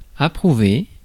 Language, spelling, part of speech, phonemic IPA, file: French, approuver, verb, /a.pʁu.ve/, Fr-approuver.ogg
- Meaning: to approve of